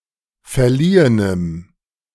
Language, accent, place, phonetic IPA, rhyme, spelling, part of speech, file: German, Germany, Berlin, [fɛɐ̯ˈliːənəm], -iːənəm, verliehenem, adjective, De-verliehenem.ogg
- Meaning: strong dative masculine/neuter singular of verliehen